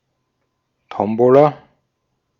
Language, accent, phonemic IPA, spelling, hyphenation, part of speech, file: German, Austria, /ˈtɔmbola/, Tombola, Tom‧bo‧la, noun, De-at-Tombola.ogg
- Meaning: raffle (small-scale lottery, usually for fundraising)